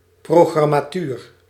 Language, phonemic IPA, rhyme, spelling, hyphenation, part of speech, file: Dutch, /proː.ɣrɑ.maːˈtyːr/, -yːr, programmatuur, pro‧gram‧ma‧tuur, noun, Nl-programmatuur.ogg
- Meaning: software